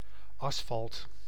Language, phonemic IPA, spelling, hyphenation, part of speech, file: Dutch, /ˈɑsfɑlt/, asfalt, as‧falt, noun, Nl-asfalt.ogg
- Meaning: asphalt